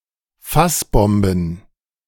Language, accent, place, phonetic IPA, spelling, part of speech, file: German, Germany, Berlin, [ˈfasˌbɔmbn̩], Fassbomben, noun, De-Fassbomben.ogg
- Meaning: plural of Fassbombe